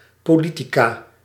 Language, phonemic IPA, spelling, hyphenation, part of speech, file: Dutch, /ˌpoːˈli.ti.kaː/, politica, po‧li‧ti‧ca, noun, Nl-politica.ogg
- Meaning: female politician